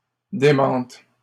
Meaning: second-person singular present subjunctive of démentir
- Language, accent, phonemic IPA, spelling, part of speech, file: French, Canada, /de.mɑ̃t/, démentes, verb, LL-Q150 (fra)-démentes.wav